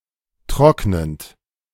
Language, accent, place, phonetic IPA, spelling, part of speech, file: German, Germany, Berlin, [ˈtʁɔknənt], trocknend, verb, De-trocknend.ogg
- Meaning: present participle of trocknen